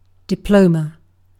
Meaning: A document issued by an educational institution testifying that the recipient has earned a degree or has successfully completed a particular course of study
- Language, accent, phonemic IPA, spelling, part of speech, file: English, UK, /dɪˈpləʊmə/, diploma, noun, En-uk-diploma.ogg